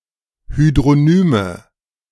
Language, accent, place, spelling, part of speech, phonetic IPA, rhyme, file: German, Germany, Berlin, Hydronyme, noun, [ˌhydʁoˈnyːmə], -yːmə, De-Hydronyme.ogg
- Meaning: nominative/accusative/genitive plural of Hydronym